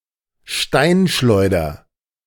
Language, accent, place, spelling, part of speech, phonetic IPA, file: German, Germany, Berlin, Steinschleuder, noun, [ˈʃtaɪ̯nˌʃlɔɪ̯dɐ], De-Steinschleuder.ogg
- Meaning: slingshot